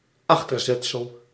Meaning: postposition
- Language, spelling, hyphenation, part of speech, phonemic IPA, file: Dutch, achterzetsel, ach‧ter‧zet‧sel, noun, /ˈɑx.tərˌzɛt.səl/, Nl-achterzetsel.ogg